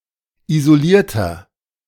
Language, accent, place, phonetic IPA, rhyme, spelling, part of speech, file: German, Germany, Berlin, [izoˈliːɐ̯tɐ], -iːɐ̯tɐ, isolierter, adjective, De-isolierter.ogg
- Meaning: inflection of isoliert: 1. strong/mixed nominative masculine singular 2. strong genitive/dative feminine singular 3. strong genitive plural